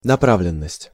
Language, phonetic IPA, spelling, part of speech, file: Russian, [nɐˈpravlʲɪn(ː)əsʲtʲ], направленность, noun, Ru-направленность.ogg
- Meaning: 1. direction, orientation 2. trend